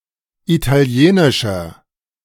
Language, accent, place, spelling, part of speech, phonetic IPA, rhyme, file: German, Germany, Berlin, italienischer, adjective, [ˌitaˈli̯eːnɪʃɐ], -eːnɪʃɐ, De-italienischer.ogg
- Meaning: inflection of italienisch: 1. strong/mixed nominative masculine singular 2. strong genitive/dative feminine singular 3. strong genitive plural